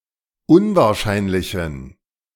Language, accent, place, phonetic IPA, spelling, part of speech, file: German, Germany, Berlin, [ˈʊnvaːɐ̯ˌʃaɪ̯nlɪçn̩], unwahrscheinlichen, adjective, De-unwahrscheinlichen.ogg
- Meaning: inflection of unwahrscheinlich: 1. strong genitive masculine/neuter singular 2. weak/mixed genitive/dative all-gender singular 3. strong/weak/mixed accusative masculine singular